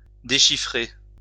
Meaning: 1. to decipher (all meanings) 2. to sightread (or sight read)
- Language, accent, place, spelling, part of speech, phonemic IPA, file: French, France, Lyon, déchiffrer, verb, /de.ʃi.fʁe/, LL-Q150 (fra)-déchiffrer.wav